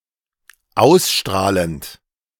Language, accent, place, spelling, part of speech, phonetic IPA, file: German, Germany, Berlin, ausstrahlend, verb, [ˈaʊ̯sˌʃtʁaːlənt], De-ausstrahlend.ogg
- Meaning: present participle of ausstrahlen